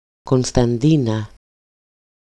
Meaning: a female given name, Constantina
- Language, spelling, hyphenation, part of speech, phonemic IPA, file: Greek, Κωνσταντίνα, Κων‧στα‧ντί‧να, proper noun, /kon.stanˈdi.na/, EL-Κωνσταντίνα.ogg